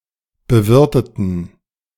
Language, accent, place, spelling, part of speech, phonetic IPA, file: German, Germany, Berlin, bewirteten, adjective / verb, [bəˈvɪʁtətn̩], De-bewirteten.ogg
- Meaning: inflection of bewirten: 1. first/third-person plural preterite 2. first/third-person plural subjunctive II